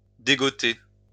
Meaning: to dig up
- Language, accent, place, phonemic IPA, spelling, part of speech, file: French, France, Lyon, /de.ɡɔ.te/, dégotter, verb, LL-Q150 (fra)-dégotter.wav